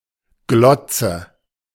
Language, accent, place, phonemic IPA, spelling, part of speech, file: German, Germany, Berlin, /ˈɡlɔtsə/, Glotze, noun, De-Glotze.ogg
- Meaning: television